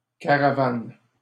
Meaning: 1. caravan (convoy or procession of travellers, their cargo and vehicles, and any pack animals) 2. travel trailer (furnished vehicle towed behind another, and used as a dwelling when stationary)
- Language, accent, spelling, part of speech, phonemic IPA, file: French, Canada, caravane, noun, /ka.ʁa.van/, LL-Q150 (fra)-caravane.wav